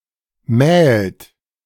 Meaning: third-person singular present of mahlen
- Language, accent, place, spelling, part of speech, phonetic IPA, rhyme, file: German, Germany, Berlin, mählt, verb, [mɛːlt], -ɛːlt, De-mählt.ogg